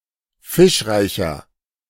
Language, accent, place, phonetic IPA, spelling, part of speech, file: German, Germany, Berlin, [ˈfɪʃˌʁaɪ̯çɐ], fischreicher, adjective, De-fischreicher.ogg
- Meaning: 1. comparative degree of fischreich 2. inflection of fischreich: strong/mixed nominative masculine singular 3. inflection of fischreich: strong genitive/dative feminine singular